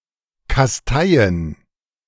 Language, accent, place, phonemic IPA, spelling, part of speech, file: German, Germany, Berlin, /kasˈtaɪ̯ən/, kasteien, verb, De-kasteien.ogg
- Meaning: to chasten (purify spiritually through austerity, asceticism, and/or bodily pain)